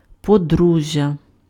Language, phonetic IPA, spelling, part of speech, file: Ukrainian, [poˈdruʒʲːɐ], подружжя, noun, Uk-подружжя.ogg
- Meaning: married couple, husband and wife